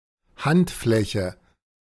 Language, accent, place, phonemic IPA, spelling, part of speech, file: German, Germany, Berlin, /ˈhan(t)ˌflɛçə/, Handfläche, noun, De-Handfläche.ogg
- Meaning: palm (inner, concave part of hand)